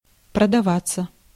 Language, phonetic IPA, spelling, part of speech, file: Russian, [prədɐˈvat͡sːə], продаваться, verb, Ru-продаваться.ogg
- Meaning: 1. to sell (intransitive) 2. to sell oneself, to betray 3. passive of продава́ть (prodavátʹ)